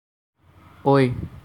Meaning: The ninth character in the Assamese alphabet
- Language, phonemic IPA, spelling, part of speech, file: Assamese, /oi/, ঐ, character, As-ঐ.ogg